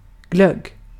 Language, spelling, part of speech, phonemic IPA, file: Swedish, glögg, noun, /ɡlœɡ/, Sv-glögg.ogg
- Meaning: glogg; a Scandinavian version of vin chaud or mulled wine; or any similar (non-alcoholic) beverage based on spiced fruit juice (e.g. apple or grape)